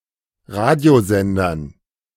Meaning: dative plural of Radiosender
- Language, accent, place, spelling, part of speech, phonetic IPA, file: German, Germany, Berlin, Radiosendern, noun, [ˈʁaːdi̯oˌzɛndɐn], De-Radiosendern.ogg